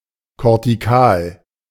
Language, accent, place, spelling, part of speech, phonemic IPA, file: German, Germany, Berlin, kortikal, adjective, /kɔʁtiˈkaːl/, De-kortikal.ogg
- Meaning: cortical